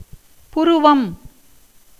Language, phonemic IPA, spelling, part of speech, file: Tamil, /pʊɾʊʋɐm/, புருவம், noun, Ta-புருவம்.ogg
- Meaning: eyebrow